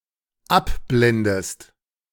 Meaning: inflection of abblenden: 1. second-person singular dependent present 2. second-person singular dependent subjunctive I
- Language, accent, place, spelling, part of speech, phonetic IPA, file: German, Germany, Berlin, abblendest, verb, [ˈapˌblɛndəst], De-abblendest.ogg